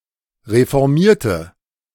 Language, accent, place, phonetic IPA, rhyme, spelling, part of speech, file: German, Germany, Berlin, [ʁefɔʁˈmiːɐ̯tə], -iːɐ̯tə, reformierte, verb / adjective, De-reformierte.ogg
- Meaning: inflection of reformieren: 1. first/third-person singular preterite 2. first/third-person singular subjunctive II